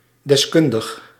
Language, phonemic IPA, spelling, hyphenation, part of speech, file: Dutch, /dɛsˈkʏn.dəx/, deskundig, des‧kun‧dig, adjective, Nl-deskundig.ogg
- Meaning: highly capable, expert